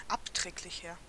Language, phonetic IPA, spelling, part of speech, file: German, [ˈapˌtʁɛːklɪçɐ], abträglicher, adjective, De-abträglicher.ogg
- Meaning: 1. comparative degree of abträglich 2. inflection of abträglich: strong/mixed nominative masculine singular 3. inflection of abträglich: strong genitive/dative feminine singular